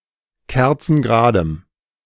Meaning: strong dative masculine/neuter singular of kerzengerade
- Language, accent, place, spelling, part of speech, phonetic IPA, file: German, Germany, Berlin, kerzengeradem, adjective, [ˈkɛʁt͡sn̩ɡəˌʁaːdəm], De-kerzengeradem.ogg